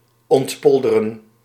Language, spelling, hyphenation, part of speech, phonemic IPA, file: Dutch, ontpolderen, ont‧pol‧de‧ren, verb, /ɔntˈpɔl.də.rə(n)/, Nl-ontpolderen.ogg
- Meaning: to undo poldering, to return an area of ground to water